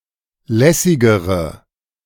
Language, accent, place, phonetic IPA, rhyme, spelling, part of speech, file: German, Germany, Berlin, [ˈlɛsɪɡəʁə], -ɛsɪɡəʁə, lässigere, adjective, De-lässigere.ogg
- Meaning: inflection of lässig: 1. strong/mixed nominative/accusative feminine singular comparative degree 2. strong nominative/accusative plural comparative degree